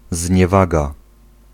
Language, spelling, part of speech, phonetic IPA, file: Polish, zniewaga, noun, [zʲɲɛˈvaɡa], Pl-zniewaga.ogg